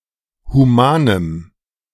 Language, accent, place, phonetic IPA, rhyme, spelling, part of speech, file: German, Germany, Berlin, [huˈmaːnəm], -aːnəm, humanem, adjective, De-humanem.ogg
- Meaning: strong dative masculine/neuter singular of human